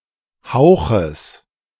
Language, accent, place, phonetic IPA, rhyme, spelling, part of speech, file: German, Germany, Berlin, [ˈhaʊ̯xəs], -aʊ̯xəs, Hauches, noun, De-Hauches.ogg
- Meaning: genitive singular of Hauch